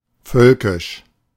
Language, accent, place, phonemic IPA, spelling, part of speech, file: German, Germany, Berlin, /ˈfœlkɪʃ/, völkisch, adjective, De-völkisch.ogg
- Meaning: 1. pertaining to a people 2. national 3. ethnic, pertaining to a people (especially the German people) as a (putative) race (compare ethnisch) 4. populist, nationalist, ethnonationalist